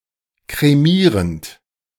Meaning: present participle of kremieren
- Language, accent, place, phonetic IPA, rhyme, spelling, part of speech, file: German, Germany, Berlin, [kʁeˈmiːʁənt], -iːʁənt, kremierend, verb, De-kremierend.ogg